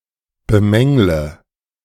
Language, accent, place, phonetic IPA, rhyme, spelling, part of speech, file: German, Germany, Berlin, [bəˈmɛŋlə], -ɛŋlə, bemängle, verb, De-bemängle.ogg
- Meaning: inflection of bemängeln: 1. first-person singular present 2. first/third-person singular subjunctive I 3. singular imperative